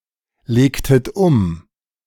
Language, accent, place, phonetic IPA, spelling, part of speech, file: German, Germany, Berlin, [ˌleːktət ˈʊm], legtet um, verb, De-legtet um.ogg
- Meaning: inflection of umlegen: 1. second-person plural preterite 2. second-person plural subjunctive II